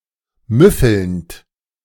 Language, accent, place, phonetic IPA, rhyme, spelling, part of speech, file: German, Germany, Berlin, [ˈmʏfl̩nt], -ʏfl̩nt, müffelnd, verb, De-müffelnd.ogg
- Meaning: present participle of müffeln